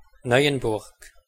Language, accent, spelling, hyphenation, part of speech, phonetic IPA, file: German, Switzerland, Neuenburg, Neu‧en‧burg, proper noun, [ˈnɔɪ̯ənˌbʊʁk], De-Neuenburg.ogg
- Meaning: 1. Neuchâtel (a canton of Switzerland) 2. Neuchâtel (the capital city of Neuchâtel canton, Switzerland) 3. place name of several cities, towns and other places in Germany